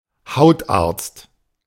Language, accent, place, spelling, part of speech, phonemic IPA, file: German, Germany, Berlin, Hautarzt, noun, /ˈhaʊ̯taʁtst/, De-Hautarzt.ogg
- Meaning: dermatologist (male or of unspecified gender) (one who is skilled, professes or practices dermatology)